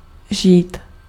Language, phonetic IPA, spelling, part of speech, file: Czech, [ˈʒiːt], žít, verb, Cs-žít.ogg
- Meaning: 1. to live 2. to spend life (a certain way) 3. to reside (permanently) 4. to exist 5. alternative form of žnout